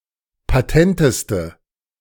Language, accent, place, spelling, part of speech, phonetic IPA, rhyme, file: German, Germany, Berlin, patenteste, adjective, [paˈtɛntəstə], -ɛntəstə, De-patenteste.ogg
- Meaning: inflection of patent: 1. strong/mixed nominative/accusative feminine singular superlative degree 2. strong nominative/accusative plural superlative degree